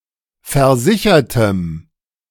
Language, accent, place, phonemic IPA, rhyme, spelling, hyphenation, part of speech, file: German, Germany, Berlin, /fɛɐ̯ˈzɪçɐtəm/, -ɪçɐtəm, versichertem, ver‧si‧cher‧tem, adjective, De-versichertem.ogg
- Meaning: strong dative masculine/neuter singular of versichert